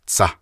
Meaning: awl, needle (may refer to a hypodermic needle, a cartridge needle for a phonograph, or a sewing needle)
- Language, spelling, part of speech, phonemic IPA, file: Navajo, tsah, noun, /t͡sʰɑ̀h/, Nv-tsah.ogg